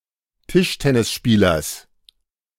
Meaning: genitive of Tischtennisspieler
- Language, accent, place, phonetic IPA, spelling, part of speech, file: German, Germany, Berlin, [ˈtɪʃtɛnɪsˌʃpiːlɐs], Tischtennisspielers, noun, De-Tischtennisspielers.ogg